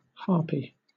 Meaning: A mythological creature generally depicted as a bird-of-prey with the head of a maiden, a face pale with hunger and long claws on her hands personifying the destructive power of storm winds
- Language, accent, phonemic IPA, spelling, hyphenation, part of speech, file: English, Southern England, /ˈhɑːpi/, harpy, har‧py, noun, LL-Q1860 (eng)-harpy.wav